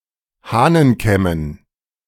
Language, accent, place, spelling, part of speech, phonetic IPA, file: German, Germany, Berlin, Hahnenkämmen, noun, [ˈhaːnənˌkɛmən], De-Hahnenkämmen.ogg
- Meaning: dative plural of Hahnenkamm